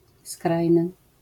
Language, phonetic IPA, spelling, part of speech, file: Polish, [ˈskrajnɨ], skrajny, adjective, LL-Q809 (pol)-skrajny.wav